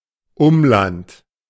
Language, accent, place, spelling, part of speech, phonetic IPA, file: German, Germany, Berlin, Umland, noun, [ˈʊmˌlant], De-Umland.ogg
- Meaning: hinterland, environs